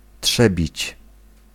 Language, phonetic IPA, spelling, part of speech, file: Polish, [ˈṭʃɛbʲit͡ɕ], trzebić, verb, Pl-trzebić.ogg